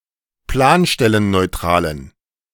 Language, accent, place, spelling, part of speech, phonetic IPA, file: German, Germany, Berlin, planstellenneutralen, adjective, [ˈplaːnʃtɛlənnɔɪ̯ˌtʁaːlən], De-planstellenneutralen.ogg
- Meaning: inflection of planstellenneutral: 1. strong genitive masculine/neuter singular 2. weak/mixed genitive/dative all-gender singular 3. strong/weak/mixed accusative masculine singular